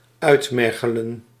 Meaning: 1. to exhaust 2. to emaciate
- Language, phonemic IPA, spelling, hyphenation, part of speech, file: Dutch, /ˈœy̯tˌmɛr.ɣə.lə(n)/, uitmergelen, uit‧mer‧ge‧len, verb, Nl-uitmergelen.ogg